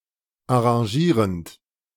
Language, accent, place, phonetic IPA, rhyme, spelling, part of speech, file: German, Germany, Berlin, [aʁɑ̃ˈʒiːʁənt], -iːʁənt, arrangierend, verb, De-arrangierend.ogg
- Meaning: present participle of arrangieren